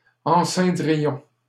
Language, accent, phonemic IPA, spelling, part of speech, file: French, Canada, /ɑ̃.sɛ̃.dʁi.jɔ̃/, enceindrions, verb, LL-Q150 (fra)-enceindrions.wav
- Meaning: first-person plural conditional of enceindre